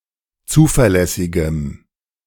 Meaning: strong dative masculine/neuter singular of zuverlässig
- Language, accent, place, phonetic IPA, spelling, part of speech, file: German, Germany, Berlin, [ˈt͡suːfɛɐ̯ˌlɛsɪɡəm], zuverlässigem, adjective, De-zuverlässigem.ogg